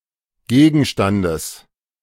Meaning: genitive singular of Gegenstand
- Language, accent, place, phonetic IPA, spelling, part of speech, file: German, Germany, Berlin, [ˈɡeːɡn̩ʃtandəs], Gegenstandes, noun, De-Gegenstandes.ogg